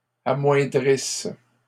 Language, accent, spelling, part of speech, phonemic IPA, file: French, Canada, amoindrisse, verb, /a.mwɛ̃.dʁis/, LL-Q150 (fra)-amoindrisse.wav
- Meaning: inflection of amoindrir: 1. first/third-person singular present subjunctive 2. first-person singular imperfect subjunctive